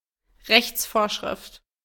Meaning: legislation
- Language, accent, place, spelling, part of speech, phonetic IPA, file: German, Germany, Berlin, Rechtsvorschrift, noun, [ˈʁɛçt͡sˌfoːɐ̯ʃʁɪft], De-Rechtsvorschrift.ogg